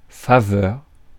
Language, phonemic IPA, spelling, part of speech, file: French, /fa.vœʁ/, faveur, noun, Fr-faveur.ogg
- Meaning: favour